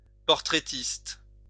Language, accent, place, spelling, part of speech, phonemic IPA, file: French, France, Lyon, portraitiste, noun, /pɔʁ.tʁe.tist/, LL-Q150 (fra)-portraitiste.wav
- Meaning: portraitist (portrait painter or photographer)